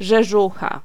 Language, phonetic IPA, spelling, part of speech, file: Polish, [ʒɛˈʒuxa], rzeżucha, noun, Pl-rzeżucha.ogg